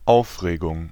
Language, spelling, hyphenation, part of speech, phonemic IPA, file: German, Aufregung, Auf‧re‧gung, noun, /ˈaʊ̯fʁeːɡʊŋ/, De-Aufregung.ogg
- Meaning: 1. excitement 2. agitation